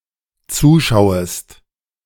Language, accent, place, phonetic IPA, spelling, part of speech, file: German, Germany, Berlin, [ˈt͡suːˌʃaʊ̯əst], zuschauest, verb, De-zuschauest.ogg
- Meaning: second-person singular dependent subjunctive I of zuschauen